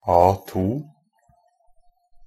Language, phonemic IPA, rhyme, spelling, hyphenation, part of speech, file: Norwegian Bokmål, /ˈɑːtuː/, -uː, A2, A‧2, noun, NB - Pronunciation of Norwegian Bokmål «A2».ogg
- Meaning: A standard paper size, defined by ISO 216